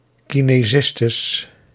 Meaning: plural of kinesiste
- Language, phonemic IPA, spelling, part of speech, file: Dutch, /ˌkineˈzɪstəs/, kinesistes, noun, Nl-kinesistes.ogg